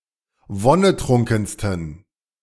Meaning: 1. superlative degree of wonnetrunken 2. inflection of wonnetrunken: strong genitive masculine/neuter singular superlative degree
- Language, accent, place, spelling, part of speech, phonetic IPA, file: German, Germany, Berlin, wonnetrunkensten, adjective, [ˈvɔnəˌtʁʊŋkn̩stən], De-wonnetrunkensten.ogg